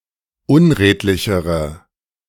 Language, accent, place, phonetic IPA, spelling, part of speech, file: German, Germany, Berlin, [ˈʊnˌʁeːtlɪçəʁə], unredlichere, adjective, De-unredlichere.ogg
- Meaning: inflection of unredlich: 1. strong/mixed nominative/accusative feminine singular comparative degree 2. strong nominative/accusative plural comparative degree